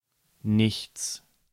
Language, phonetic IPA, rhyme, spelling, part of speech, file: German, [nɪçt͡s], -ɪçt͡s, nichts, pronoun, De-nichts.ogg
- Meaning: nothing